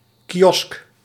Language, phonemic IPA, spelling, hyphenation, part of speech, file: Dutch, /kiˈɔsk/, kiosk, ki‧osk, noun, Nl-kiosk.ogg
- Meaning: 1. a kiosk 2. a bandstand, a band rotunda 3. a Morris column